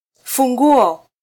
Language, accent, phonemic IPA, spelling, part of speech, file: Swahili, Kenya, /fuˈᵑɡu.ɔ/, funguo, noun, Sw-ke-funguo.flac
- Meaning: 1. alternative form of ufunguo 2. plural of ufunguo 3. plural of funguo